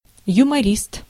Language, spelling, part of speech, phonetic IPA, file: Russian, юморист, noun, [jʊmɐˈrʲist], Ru-юморист.ogg
- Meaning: humorist